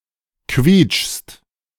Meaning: second-person singular present of quietschen
- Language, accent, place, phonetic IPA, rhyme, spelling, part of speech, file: German, Germany, Berlin, [kviːt͡ʃst], -iːt͡ʃst, quietschst, verb, De-quietschst.ogg